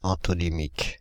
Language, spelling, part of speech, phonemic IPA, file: French, antonymique, adjective, /ɑ̃.tɔ.ni.mik/, Fr-antonymique.ogg
- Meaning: antonymic